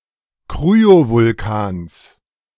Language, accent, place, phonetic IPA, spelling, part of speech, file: German, Germany, Berlin, [ˈkʁyovʊlˌkaːns], Kryovulkans, noun, De-Kryovulkans.ogg
- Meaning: genitive singular of Kryovulkan